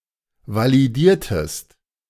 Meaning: inflection of validieren: 1. second-person singular preterite 2. second-person singular subjunctive II
- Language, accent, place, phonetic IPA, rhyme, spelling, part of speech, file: German, Germany, Berlin, [valiˈdiːɐ̯təst], -iːɐ̯təst, validiertest, verb, De-validiertest.ogg